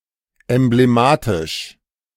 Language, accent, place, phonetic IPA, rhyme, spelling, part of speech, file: German, Germany, Berlin, [ˌɛmbleˈmaːtɪʃ], -aːtɪʃ, emblematisch, adjective, De-emblematisch.ogg
- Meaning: emblematic